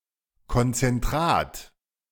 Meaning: concentrate
- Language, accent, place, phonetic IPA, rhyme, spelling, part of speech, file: German, Germany, Berlin, [kɔnt͡sɛnˈtʁaːt], -aːt, Konzentrat, noun, De-Konzentrat.ogg